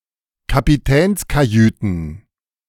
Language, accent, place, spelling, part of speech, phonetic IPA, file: German, Germany, Berlin, Kapitänskajüten, noun, [kapiˈtɛːnskaˌjyːtn̩], De-Kapitänskajüten.ogg
- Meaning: plural of Kapitänskajüte